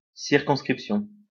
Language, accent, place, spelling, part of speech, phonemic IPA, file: French, France, Lyon, circonscription, noun, /siʁ.kɔ̃s.kʁip.sjɔ̃/, LL-Q150 (fra)-circonscription.wav
- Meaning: 1. circumscription 2. electoral district; constituency; riding